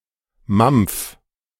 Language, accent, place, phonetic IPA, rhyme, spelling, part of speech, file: German, Germany, Berlin, [mamp͡f], -amp͡f, mampf, verb, De-mampf.ogg
- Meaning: 1. singular imperative of mampfen 2. first-person singular present of mampfen